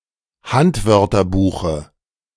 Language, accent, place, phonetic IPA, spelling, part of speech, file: German, Germany, Berlin, [ˈhantvœʁtɐbuːxə], Handwörterbuche, noun, De-Handwörterbuche.ogg
- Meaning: dative singular of Handwörterbuch